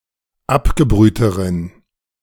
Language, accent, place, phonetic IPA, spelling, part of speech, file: German, Germany, Berlin, [ˈapɡəˌbʁyːtəʁən], abgebrühteren, adjective, De-abgebrühteren.ogg
- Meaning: inflection of abgebrüht: 1. strong genitive masculine/neuter singular comparative degree 2. weak/mixed genitive/dative all-gender singular comparative degree